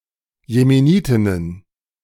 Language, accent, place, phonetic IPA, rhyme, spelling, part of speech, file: German, Germany, Berlin, [jemeˈniːtɪnən], -iːtɪnən, Jemenitinnen, noun, De-Jemenitinnen.ogg
- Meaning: plural of Jemenitin